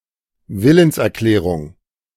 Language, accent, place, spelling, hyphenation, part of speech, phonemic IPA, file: German, Germany, Berlin, Willenserklärung, Wil‧lens‧er‧klä‧rung, noun, /ˈvɪlənsʔɛɐ̯ˌklɛːʁʊŋ/, De-Willenserklärung.ogg
- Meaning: declaration of will